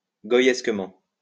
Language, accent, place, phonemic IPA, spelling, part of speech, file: French, France, Lyon, /ɡɔ.jɛs.kə.mɑ̃/, goyesquement, adverb, LL-Q150 (fra)-goyesquement.wav
- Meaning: Goyaesquely